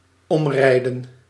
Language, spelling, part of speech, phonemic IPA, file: Dutch, omrijden, verb, /ˈɔm.rɛi̯.də(n)/, Nl-omrijden.ogg
- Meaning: 1. to drive around, to make a detour 2. to knock down or knock over by riding or driving